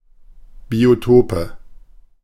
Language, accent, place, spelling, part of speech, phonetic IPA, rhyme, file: German, Germany, Berlin, Biotope, noun, [bioˈtoːpə], -oːpə, De-Biotope.ogg
- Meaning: nominative/accusative/genitive plural of Biotop